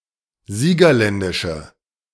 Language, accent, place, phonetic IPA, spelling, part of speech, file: German, Germany, Berlin, [ˈziːɡɐˌlɛndɪʃə], siegerländische, adjective, De-siegerländische.ogg
- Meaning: inflection of siegerländisch: 1. strong/mixed nominative/accusative feminine singular 2. strong nominative/accusative plural 3. weak nominative all-gender singular